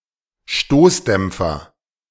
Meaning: shock absorber, damper
- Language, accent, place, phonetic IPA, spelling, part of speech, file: German, Germany, Berlin, [ˈʃtoːsdɛmp͡fɐ], Stoßdämpfer, noun, De-Stoßdämpfer.ogg